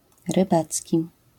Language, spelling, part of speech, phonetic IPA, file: Polish, rybacki, adjective, [rɨˈbat͡sʲci], LL-Q809 (pol)-rybacki.wav